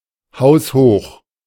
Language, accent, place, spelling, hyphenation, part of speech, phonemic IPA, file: German, Germany, Berlin, haushoch, haus‧hoch, adjective, /ˈhaʊ̯sˌhoːχ/, De-haushoch.ogg
- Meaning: 1. considerable, very great 2. having the height of a typical house